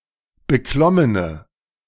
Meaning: inflection of beklommen: 1. strong/mixed nominative/accusative feminine singular 2. strong nominative/accusative plural 3. weak nominative all-gender singular
- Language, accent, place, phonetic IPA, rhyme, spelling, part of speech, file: German, Germany, Berlin, [bəˈklɔmənə], -ɔmənə, beklommene, adjective, De-beklommene.ogg